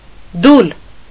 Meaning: rest, pause
- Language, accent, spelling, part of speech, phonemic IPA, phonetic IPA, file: Armenian, Eastern Armenian, դուլ, noun, /dul/, [dul], Hy-դուլ.ogg